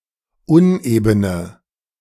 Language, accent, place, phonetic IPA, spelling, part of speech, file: German, Germany, Berlin, [ˈʊnʔeːbənə], unebene, adjective, De-unebene.ogg
- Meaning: inflection of uneben: 1. strong/mixed nominative/accusative feminine singular 2. strong nominative/accusative plural 3. weak nominative all-gender singular 4. weak accusative feminine/neuter singular